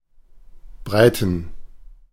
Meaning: plural of Breite
- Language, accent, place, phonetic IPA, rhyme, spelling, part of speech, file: German, Germany, Berlin, [ˈbʁaɪ̯tn̩], -aɪ̯tn̩, Breiten, noun, De-Breiten.ogg